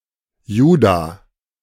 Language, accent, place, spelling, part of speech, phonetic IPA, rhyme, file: German, Germany, Berlin, Juda, proper noun, [ˈjuːda], -uːda, De-Juda.ogg
- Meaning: Judah (first son of Jacob)